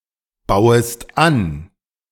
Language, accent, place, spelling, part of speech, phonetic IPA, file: German, Germany, Berlin, bauest an, verb, [ˌbaʊ̯əst ˈan], De-bauest an.ogg
- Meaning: second-person singular subjunctive I of anbauen